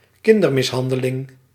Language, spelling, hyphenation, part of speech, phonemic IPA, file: Dutch, kindermishandeling, kin‧der‧mis‧han‧de‧ling, noun, /ˈkɪn.dər.mɪsˌɦɑn.də.lɪŋ/, Nl-kindermishandeling.ogg
- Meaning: child abuse